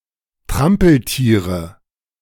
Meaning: nominative/accusative/genitive plural of Trampeltier
- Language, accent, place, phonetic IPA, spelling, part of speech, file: German, Germany, Berlin, [ˈtʁampl̩ˌtiːʁə], Trampeltiere, noun, De-Trampeltiere.ogg